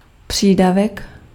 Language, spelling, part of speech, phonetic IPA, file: Czech, přídavek, noun, [ˈpr̝̊iːdavɛk], Cs-přídavek.ogg
- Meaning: 1. encore 2. addition 3. allowance